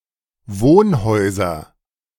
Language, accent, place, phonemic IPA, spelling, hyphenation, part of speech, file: German, Germany, Berlin, /ˈvoːnˌhɔɪ̯zɐ/, Wohnhäuser, Wohn‧häu‧ser, noun, De-Wohnhäuser.ogg
- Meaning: nominative/accusative/genitive plural of Wohnhaus